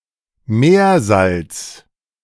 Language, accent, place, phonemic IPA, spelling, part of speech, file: German, Germany, Berlin, /ˈmeːɐ̯ˌzalt͡s/, Meersalz, noun, De-Meersalz.ogg
- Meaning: sea salt